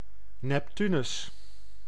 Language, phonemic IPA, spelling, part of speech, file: Dutch, /nɛpˈtynʏs/, Neptunus, proper noun, Nl-Neptunus.ogg
- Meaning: 1. Neptune, the eighth planet of our solar system 2. Neptune, the Roman sea god